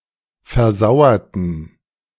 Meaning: inflection of versauern: 1. first/third-person plural preterite 2. first/third-person plural subjunctive II
- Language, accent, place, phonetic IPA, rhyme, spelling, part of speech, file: German, Germany, Berlin, [fɛɐ̯ˈzaʊ̯ɐtn̩], -aʊ̯ɐtn̩, versauerten, adjective / verb, De-versauerten.ogg